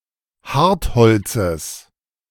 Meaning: genitive of Hartholz
- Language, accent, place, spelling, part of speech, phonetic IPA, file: German, Germany, Berlin, Hartholzes, noun, [ˈhaʁtˌhɔlt͡səs], De-Hartholzes.ogg